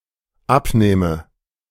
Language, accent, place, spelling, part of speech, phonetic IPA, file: German, Germany, Berlin, abnähme, verb, [ˈapˌnɛːmə], De-abnähme.ogg
- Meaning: first/third-person singular dependent subjunctive II of abnehmen